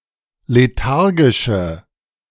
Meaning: inflection of lethargisch: 1. strong/mixed nominative/accusative feminine singular 2. strong nominative/accusative plural 3. weak nominative all-gender singular
- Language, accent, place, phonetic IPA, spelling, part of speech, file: German, Germany, Berlin, [leˈtaʁɡɪʃə], lethargische, adjective, De-lethargische.ogg